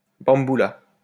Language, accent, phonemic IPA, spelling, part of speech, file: French, France, /bɑ̃.bu.la/, bamboula, noun, LL-Q150 (fra)-bamboula.wav
- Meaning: 1. bamboula (drum) 2. black African 3. bamboula